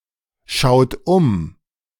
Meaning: inflection of umschauen: 1. second-person plural present 2. third-person singular present 3. plural imperative
- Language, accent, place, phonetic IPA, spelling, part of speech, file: German, Germany, Berlin, [ˌʃaʊ̯t ˈʊm], schaut um, verb, De-schaut um.ogg